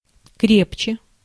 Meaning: 1. comparative degree of кре́пкий (krépkij) 2. comparative degree of кре́пко (krépko)
- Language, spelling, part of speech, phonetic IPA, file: Russian, крепче, adverb, [ˈkrʲept͡ɕe], Ru-крепче.ogg